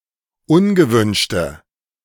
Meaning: inflection of ungewünscht: 1. strong/mixed nominative/accusative feminine singular 2. strong nominative/accusative plural 3. weak nominative all-gender singular
- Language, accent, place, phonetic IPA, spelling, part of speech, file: German, Germany, Berlin, [ˈʊnɡəˌvʏnʃtə], ungewünschte, adjective, De-ungewünschte.ogg